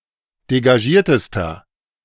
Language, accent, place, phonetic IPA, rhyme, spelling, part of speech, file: German, Germany, Berlin, [deɡaˈʒiːɐ̯təstɐ], -iːɐ̯təstɐ, degagiertester, adjective, De-degagiertester.ogg
- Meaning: inflection of degagiert: 1. strong/mixed nominative masculine singular superlative degree 2. strong genitive/dative feminine singular superlative degree 3. strong genitive plural superlative degree